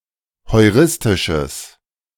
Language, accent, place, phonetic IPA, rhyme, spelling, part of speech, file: German, Germany, Berlin, [hɔɪ̯ˈʁɪstɪʃəs], -ɪstɪʃəs, heuristisches, adjective, De-heuristisches.ogg
- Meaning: strong/mixed nominative/accusative neuter singular of heuristisch